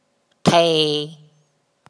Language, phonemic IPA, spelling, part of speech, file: Mon, /tʰɛ̤ʔ/, ဎ, character, Mnw-ဎ.oga
- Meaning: Ḍdha, the fourteenth consonant of the Mon alphabet